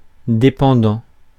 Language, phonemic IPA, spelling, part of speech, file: French, /de.pɑ̃.dɑ̃/, dépendant, verb / adjective / noun, Fr-dépendant.ogg
- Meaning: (verb) present participle of dépendre; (adjective) dependent; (noun) dependent; one who is dependent